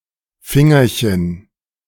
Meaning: diminutive of Finger
- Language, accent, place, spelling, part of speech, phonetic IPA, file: German, Germany, Berlin, Fingerchen, noun, [ˈfɪŋɐçən], De-Fingerchen.ogg